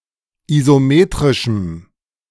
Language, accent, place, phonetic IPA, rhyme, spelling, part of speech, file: German, Germany, Berlin, [izoˈmeːtʁɪʃm̩], -eːtʁɪʃm̩, isometrischem, adjective, De-isometrischem.ogg
- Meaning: strong dative masculine/neuter singular of isometrisch